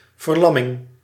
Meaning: paralysis, loss of (muscle) control, involuntary immobilization (both literally and figuratively)
- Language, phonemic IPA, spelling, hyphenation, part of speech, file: Dutch, /vərˈlɑmɪŋ/, verlamming, ver‧lam‧ming, noun, Nl-verlamming.ogg